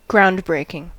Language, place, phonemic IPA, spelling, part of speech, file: English, California, /ˈɡɹaʊndˌbɹeɪkɪŋ/, groundbreaking, adjective / noun, En-us-groundbreaking.ogg
- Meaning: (adjective) Innovative; new, different; doing something that has never been done before; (noun) The point at which construction begins, by digging into the ground